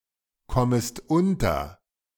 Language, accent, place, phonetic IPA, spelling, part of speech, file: German, Germany, Berlin, [ˌkɔməst ˈʊntɐ], kommest unter, verb, De-kommest unter.ogg
- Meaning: second-person singular subjunctive I of unterkommen